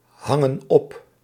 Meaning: inflection of ophangen: 1. plural present indicative 2. plural present subjunctive
- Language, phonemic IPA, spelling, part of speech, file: Dutch, /ˈhɑŋə(n) ˈɔp/, hangen op, verb, Nl-hangen op.ogg